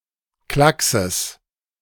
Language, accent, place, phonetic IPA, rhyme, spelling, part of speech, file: German, Germany, Berlin, [ˈklaksəs], -aksəs, Klackses, noun, De-Klackses.ogg
- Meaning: genitive of Klacks